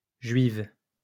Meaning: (adjective) feminine singular of juif; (noun) female equivalent of juif
- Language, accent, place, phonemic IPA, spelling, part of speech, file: French, France, Lyon, /ʒɥiv/, juive, adjective / noun, LL-Q150 (fra)-juive.wav